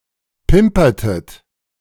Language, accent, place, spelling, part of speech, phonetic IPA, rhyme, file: German, Germany, Berlin, pimpertet, verb, [ˈpɪmpɐtət], -ɪmpɐtət, De-pimpertet.ogg
- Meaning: inflection of pimpern: 1. second-person plural preterite 2. second-person plural subjunctive II